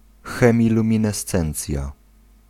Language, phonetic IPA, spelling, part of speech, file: Polish, [ˌxɛ̃mʲilũmʲĩnɛˈst͡sɛ̃nt͡sʲja], chemiluminescencja, noun, Pl-chemiluminescencja.ogg